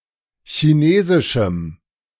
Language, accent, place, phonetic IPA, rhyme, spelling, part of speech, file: German, Germany, Berlin, [çiˈneːzɪʃm̩], -eːzɪʃm̩, chinesischem, adjective, De-chinesischem.ogg
- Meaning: strong dative masculine/neuter singular of chinesisch